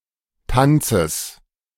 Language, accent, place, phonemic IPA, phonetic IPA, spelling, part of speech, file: German, Germany, Berlin, /ˈtant͡səs/, [ˈtʰant͡səs], Tanzes, noun, De-Tanzes.ogg
- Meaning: genitive singular of Tanz